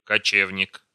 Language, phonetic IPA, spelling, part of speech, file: Russian, [kɐˈt͡ɕevnʲɪk], кочевник, noun, Ru-кочевник.ogg
- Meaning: nomad